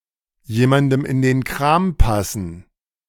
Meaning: to suit someone
- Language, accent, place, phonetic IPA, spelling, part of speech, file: German, Germany, Berlin, [ˈjeːmandəm ɪn deːn kʁaːm ˈpasn̩], jemandem in den Kram passen, verb, De-jemandem in den Kram passen.ogg